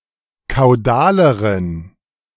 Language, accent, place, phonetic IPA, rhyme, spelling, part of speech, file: German, Germany, Berlin, [kaʊ̯ˈdaːləʁən], -aːləʁən, kaudaleren, adjective, De-kaudaleren.ogg
- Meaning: inflection of kaudal: 1. strong genitive masculine/neuter singular comparative degree 2. weak/mixed genitive/dative all-gender singular comparative degree